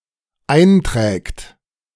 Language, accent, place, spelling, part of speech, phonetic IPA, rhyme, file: German, Germany, Berlin, einträgt, verb, [ˈaɪ̯nˌtʁɛːkt], -aɪ̯ntʁɛːkt, De-einträgt.ogg
- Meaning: third-person singular dependent present of eintragen